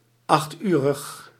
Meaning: eight-hour
- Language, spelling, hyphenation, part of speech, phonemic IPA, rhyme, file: Dutch, achturig, acht‧urig, adjective, /ˌɑxtˈyː.rəx/, -yːrəx, Nl-achturig.ogg